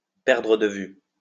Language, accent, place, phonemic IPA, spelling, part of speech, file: French, France, Lyon, /pɛʁ.dʁə d(ə) vy/, perdre de vue, verb, LL-Q150 (fra)-perdre de vue.wav
- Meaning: 1. to lose sight of 2. to lose sight of, to lose touch with